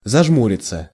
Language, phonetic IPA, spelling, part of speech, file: Russian, [zɐʐˈmurʲɪt͡sə], зажмуриться, verb, Ru-зажмуриться.ogg
- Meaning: 1. to screw up one's eyes, to close one's eyes tight 2. passive of зажму́рить (zažmúritʹ)